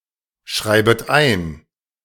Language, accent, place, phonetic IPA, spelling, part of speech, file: German, Germany, Berlin, [ˌʃʁaɪ̯bət ˈaɪ̯n], schreibet ein, verb, De-schreibet ein.ogg
- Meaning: second-person plural subjunctive I of einschreiben